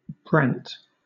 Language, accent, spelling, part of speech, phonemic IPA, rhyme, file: English, Southern England, brant, noun / adjective, /bɹænt/, -ænt, LL-Q1860 (eng)-brant.wav
- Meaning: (noun) Any of several wild geese, of the genus Branta, that breed in the Arctic, but especially the brent goose, Branta bernicla; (adjective) 1. steep, precipitous 2. smooth; unwrinkled